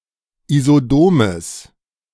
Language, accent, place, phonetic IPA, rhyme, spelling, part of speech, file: German, Germany, Berlin, [izoˈdoːməs], -oːməs, isodomes, adjective, De-isodomes.ogg
- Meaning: strong/mixed nominative/accusative neuter singular of isodom